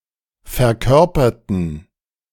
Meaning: inflection of verkörpern: 1. first/third-person plural preterite 2. first/third-person plural subjunctive II
- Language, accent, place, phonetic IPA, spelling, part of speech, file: German, Germany, Berlin, [fɛɐ̯ˈkœʁpɐtn̩], verkörperten, adjective / verb, De-verkörperten.ogg